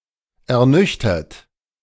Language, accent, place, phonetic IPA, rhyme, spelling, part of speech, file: German, Germany, Berlin, [ɛɐ̯ˈnʏçtɐt], -ʏçtɐt, ernüchtert, verb, De-ernüchtert.ogg
- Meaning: 1. past participle of ernüchtern 2. inflection of ernüchtern: third-person singular present 3. inflection of ernüchtern: second-person plural present 4. inflection of ernüchtern: plural imperative